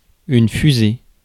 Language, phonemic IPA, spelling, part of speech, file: French, /fy.ze/, fusée, noun, Fr-fusée.ogg
- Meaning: 1. rocket (vehicle) 2. fusil